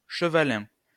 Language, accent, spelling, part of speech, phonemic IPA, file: French, France, chevalin, adjective, /ʃə.va.lɛ̃/, LL-Q150 (fra)-chevalin.wav
- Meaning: horse; equine